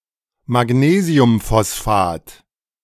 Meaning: magnesium phosphate
- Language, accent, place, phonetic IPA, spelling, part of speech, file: German, Germany, Berlin, [maˈɡneːzi̯ʊmfɔsˌfaːt], Magnesiumphosphat, noun, De-Magnesiumphosphat.ogg